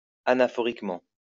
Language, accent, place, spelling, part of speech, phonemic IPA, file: French, France, Lyon, anaphoriquement, adverb, /a.na.fɔ.ʁik.mɑ̃/, LL-Q150 (fra)-anaphoriquement.wav
- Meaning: anaphorically